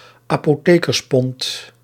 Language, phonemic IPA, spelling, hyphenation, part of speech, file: Dutch, /aː.poːˈteː.kərsˌpɔnt/, apothekerspond, apo‧the‧kers‧pond, noun, Nl-apothekerspond.ogg
- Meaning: Dutch medical pound, equivalent to about 375 grams